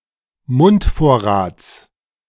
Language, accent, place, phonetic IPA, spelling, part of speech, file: German, Germany, Berlin, [ˈmʊntˌfoːɐ̯ʁaːt͡s], Mundvorrats, noun, De-Mundvorrats.ogg
- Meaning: genitive of Mundvorrat